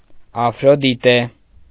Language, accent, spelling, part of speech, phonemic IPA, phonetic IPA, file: Armenian, Eastern Armenian, Աֆրոդիտե, proper noun, /ɑfɾodiˈte/, [ɑfɾodité], Hy-Աֆրոդիտե.ogg
- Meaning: Aphrodite